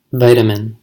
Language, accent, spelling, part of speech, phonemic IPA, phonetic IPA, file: English, US, vitamin, noun / verb, /ˈvaɪ.tə.mɪn/, [ˈvʌɪ.ɾə.mɪn], En-us-vitamin.ogg